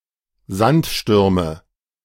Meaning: nominative/accusative/genitive plural of Sandsturm
- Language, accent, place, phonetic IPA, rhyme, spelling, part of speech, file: German, Germany, Berlin, [ˈzantˌʃtʏʁmə], -antʃtʏʁmə, Sandstürme, noun, De-Sandstürme.ogg